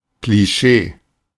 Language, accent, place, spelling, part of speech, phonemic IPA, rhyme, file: German, Germany, Berlin, Klischee, noun, /kliˈʃeː/, -eː, De-Klischee.ogg
- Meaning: 1. cliché 2. printing plate, stereotype